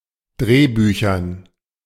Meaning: dative plural of Drehbuch
- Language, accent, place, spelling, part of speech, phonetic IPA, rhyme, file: German, Germany, Berlin, Drehbüchern, noun, [ˈdʁeːˌbyːçɐn], -eːbyːçɐn, De-Drehbüchern.ogg